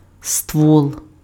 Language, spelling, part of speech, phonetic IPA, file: Ukrainian, ствол, noun, [stwɔɫ], Uk-ствол.ogg
- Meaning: 1. barrel (of a gun) 2. a vertical part of a (coal) mine